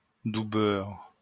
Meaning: butternut squash
- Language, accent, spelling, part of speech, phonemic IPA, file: French, France, doubeurre, noun, /du.bœʁ/, LL-Q150 (fra)-doubeurre.wav